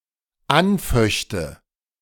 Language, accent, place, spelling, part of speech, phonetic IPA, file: German, Germany, Berlin, anföchte, verb, [ˈanˌfœçtə], De-anföchte.ogg
- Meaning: first/third-person singular dependent subjunctive II of anfechten